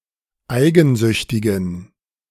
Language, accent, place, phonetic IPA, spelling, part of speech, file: German, Germany, Berlin, [ˈaɪ̯ɡn̩ˌzʏçtɪɡn̩], eigensüchtigen, adjective, De-eigensüchtigen.ogg
- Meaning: inflection of eigensüchtig: 1. strong genitive masculine/neuter singular 2. weak/mixed genitive/dative all-gender singular 3. strong/weak/mixed accusative masculine singular 4. strong dative plural